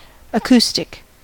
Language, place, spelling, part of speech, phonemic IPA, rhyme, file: English, California, acoustic, adjective / noun, /əˈku.stɪk/, -uːstɪk, En-us-acoustic.ogg
- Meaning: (adjective) Pertaining to the sense of hearing, the organs of hearing, or the science of sounds.: Used for soundproofing or modifying sound